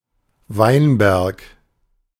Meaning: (noun) vineyard; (proper noun) 1. Any of a large number of places in Germany, Austria, Switzerland and other European countries 2. a surname
- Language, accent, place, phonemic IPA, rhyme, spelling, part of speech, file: German, Germany, Berlin, /ˈvaɪ̯nˌbɛʁk/, -ɛʁk, Weinberg, noun / proper noun, De-Weinberg.ogg